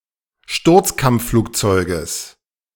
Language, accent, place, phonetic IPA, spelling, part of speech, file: German, Germany, Berlin, [ˈʃtʊʁt͡skamp͡fˌfluːkt͡sɔɪ̯ɡəs], Sturzkampfflugzeuges, noun, De-Sturzkampfflugzeuges.ogg
- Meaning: genitive singular of Sturzkampfflugzeug